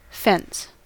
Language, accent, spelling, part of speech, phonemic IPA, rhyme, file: English, US, fence, noun / verb, /fɛns/, -ɛns, En-us-fence.ogg
- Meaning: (noun) A thin artificial barrier that separates two pieces of land or forms a perimeter enclosing the lands of a house, building, etc